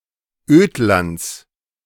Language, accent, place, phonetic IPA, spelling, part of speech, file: German, Germany, Berlin, [ˈøːtlant͡s], Ödlands, noun, De-Ödlands.ogg
- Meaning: genitive singular of Ödland